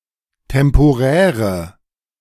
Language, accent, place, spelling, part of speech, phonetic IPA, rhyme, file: German, Germany, Berlin, temporäre, adjective, [tɛmpoˈʁɛːʁə], -ɛːʁə, De-temporäre.ogg
- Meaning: inflection of temporär: 1. strong/mixed nominative/accusative feminine singular 2. strong nominative/accusative plural 3. weak nominative all-gender singular